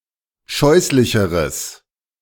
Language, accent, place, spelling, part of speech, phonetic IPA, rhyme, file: German, Germany, Berlin, scheußlicheres, adjective, [ˈʃɔɪ̯slɪçəʁəs], -ɔɪ̯slɪçəʁəs, De-scheußlicheres.ogg
- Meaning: strong/mixed nominative/accusative neuter singular comparative degree of scheußlich